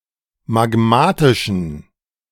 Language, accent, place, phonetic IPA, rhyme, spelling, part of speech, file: German, Germany, Berlin, [maˈɡmaːtɪʃn̩], -aːtɪʃn̩, magmatischen, adjective, De-magmatischen.ogg
- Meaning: inflection of magmatisch: 1. strong genitive masculine/neuter singular 2. weak/mixed genitive/dative all-gender singular 3. strong/weak/mixed accusative masculine singular 4. strong dative plural